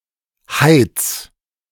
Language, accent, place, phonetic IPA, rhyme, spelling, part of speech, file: German, Germany, Berlin, [haɪ̯t͡s], -aɪ̯t͡s, heiz, verb, De-heiz.ogg
- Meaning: 1. singular imperative of heizen 2. first-person singular present of heizen